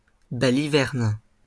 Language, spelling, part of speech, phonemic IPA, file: French, balivernes, noun, /ba.li.vɛʁn/, LL-Q150 (fra)-balivernes.wav
- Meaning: plural of baliverne